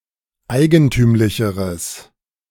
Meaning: strong/mixed nominative/accusative neuter singular comparative degree of eigentümlich
- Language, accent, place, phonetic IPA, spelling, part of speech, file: German, Germany, Berlin, [ˈaɪ̯ɡənˌtyːmlɪçəʁəs], eigentümlicheres, adjective, De-eigentümlicheres.ogg